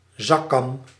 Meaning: pocket comb
- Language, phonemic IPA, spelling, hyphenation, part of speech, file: Dutch, /ˈzɑ.kɑm/, zakkam, zak‧kam, noun, Nl-zakkam.ogg